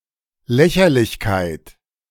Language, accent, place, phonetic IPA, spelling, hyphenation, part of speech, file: German, Germany, Berlin, [ˈlɛçɐlɪçˌkaɪ̯t], Lächerlichkeit, Lä‧cher‧lich‧keit, noun, De-Lächerlichkeit.ogg
- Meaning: 1. ridiculousness 2. trivial matter, trifle